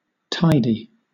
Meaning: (adjective) 1. Arranged neatly and in order 2. Not messy; neat and controlled 3. Satisfactory; comfortable 4. Generous, considerable
- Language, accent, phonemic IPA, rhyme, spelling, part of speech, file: English, Southern England, /ˈtaɪ.di/, -aɪdi, tidy, adjective / verb / noun / interjection, LL-Q1860 (eng)-tidy.wav